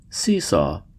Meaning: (noun) 1. A structure composed of a plank, balanced in the middle, used as a game in which one person goes up as the other goes down 2. The game or pastime of seesawing
- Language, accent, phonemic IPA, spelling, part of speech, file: English, US, /ˈsi.sɔ/, seesaw, noun / verb / adjective, En-us-seesaw.ogg